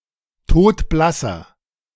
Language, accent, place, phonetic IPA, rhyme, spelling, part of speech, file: German, Germany, Berlin, [ˈtoːtˈblasɐ], -asɐ, todblasser, adjective, De-todblasser.ogg
- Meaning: inflection of todblass: 1. strong/mixed nominative masculine singular 2. strong genitive/dative feminine singular 3. strong genitive plural